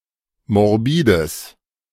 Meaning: strong/mixed nominative/accusative neuter singular of morbid
- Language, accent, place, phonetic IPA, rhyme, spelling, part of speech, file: German, Germany, Berlin, [mɔʁˈbiːdəs], -iːdəs, morbides, adjective, De-morbides.ogg